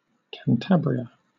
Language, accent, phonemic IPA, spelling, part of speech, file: English, Southern England, /kænˈtæbɹiə/, Cantabria, proper noun, LL-Q1860 (eng)-Cantabria.wav
- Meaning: An autonomous community and province in northern Spain. Capital: Santander